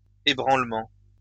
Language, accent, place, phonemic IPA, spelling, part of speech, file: French, France, Lyon, /e.bʁɑ̃l.mɑ̃/, ébranlement, noun, LL-Q150 (fra)-ébranlement.wav
- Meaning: 1. shaking 2. shock 3. weakening, wavering